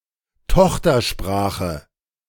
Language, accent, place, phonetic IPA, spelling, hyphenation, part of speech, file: German, Germany, Berlin, [ˈtɔxtɐˌʃpʁaːxə], Tochtersprache, Toch‧ter‧spra‧che, noun, De-Tochtersprache.ogg
- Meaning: daughter language